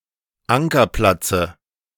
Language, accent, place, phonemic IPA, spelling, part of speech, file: German, Germany, Berlin, /ˈʔaŋkɐˌplatsə/, Ankerplatze, noun, De-Ankerplatze.ogg
- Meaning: dative singular of Ankerplatz